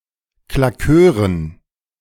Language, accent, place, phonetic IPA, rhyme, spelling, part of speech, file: German, Germany, Berlin, [klaˈkøːʁən], -øːʁən, Claqueuren, noun, De-Claqueuren.ogg
- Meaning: dative plural of Claqueur